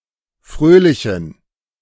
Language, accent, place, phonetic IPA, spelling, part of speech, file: German, Germany, Berlin, [ˈfʁøːlɪçn̩], fröhlichen, adjective, De-fröhlichen.ogg
- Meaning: inflection of fröhlich: 1. strong genitive masculine/neuter singular 2. weak/mixed genitive/dative all-gender singular 3. strong/weak/mixed accusative masculine singular 4. strong dative plural